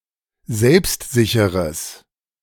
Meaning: strong/mixed nominative/accusative neuter singular of selbstsicher
- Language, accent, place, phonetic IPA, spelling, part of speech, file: German, Germany, Berlin, [ˈzɛlpstˌzɪçəʁəs], selbstsicheres, adjective, De-selbstsicheres.ogg